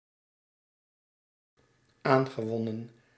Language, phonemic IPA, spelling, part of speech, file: Dutch, /ˈaŋɣəˌwɔnə(n)/, aangewonnen, verb, Nl-aangewonnen.ogg
- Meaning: past participle of aanwinnen